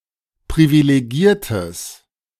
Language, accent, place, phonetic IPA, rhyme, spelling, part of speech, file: German, Germany, Berlin, [pʁivileˈɡiːɐ̯təs], -iːɐ̯təs, privilegiertes, adjective, De-privilegiertes.ogg
- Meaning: strong/mixed nominative/accusative neuter singular of privilegiert